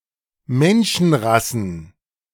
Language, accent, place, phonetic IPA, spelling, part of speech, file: German, Germany, Berlin, [ˈmɛnʃn̩ˌʁasn̩], Menschenrassen, noun, De-Menschenrassen.ogg
- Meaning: plural of Menschenrasse